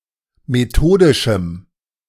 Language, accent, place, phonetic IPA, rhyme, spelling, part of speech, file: German, Germany, Berlin, [meˈtoːdɪʃm̩], -oːdɪʃm̩, methodischem, adjective, De-methodischem.ogg
- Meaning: strong dative masculine/neuter singular of methodisch